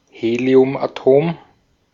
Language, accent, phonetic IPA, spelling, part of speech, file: German, Austria, [ˈheːli̯ʊmʔaˌtoːm], Heliumatom, noun, De-at-Heliumatom.ogg
- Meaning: helium atom